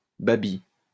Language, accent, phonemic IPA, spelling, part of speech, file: French, France, /ba.bi/, babi, adjective / noun, LL-Q150 (fra)-babi.wav
- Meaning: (adjective) Bábí (of or relating to Báb or Bábism); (noun) Bábí (follower of Bábism)